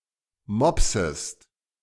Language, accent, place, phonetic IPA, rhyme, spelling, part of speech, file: German, Germany, Berlin, [ˈmɔpsəst], -ɔpsəst, mopsest, verb, De-mopsest.ogg
- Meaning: second-person singular subjunctive I of mopsen